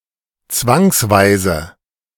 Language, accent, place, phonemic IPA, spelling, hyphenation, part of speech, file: German, Germany, Berlin, /ˈt͡svaŋsˌvaɪ̯zə/, zwangsweise, zwangs‧wei‧se, adverb, De-zwangsweise.ogg
- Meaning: compulsorily